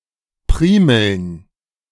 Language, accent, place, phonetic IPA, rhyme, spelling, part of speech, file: German, Germany, Berlin, [ˈpʁiːml̩n], -iːml̩n, Primeln, noun, De-Primeln.ogg
- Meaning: plural of Primel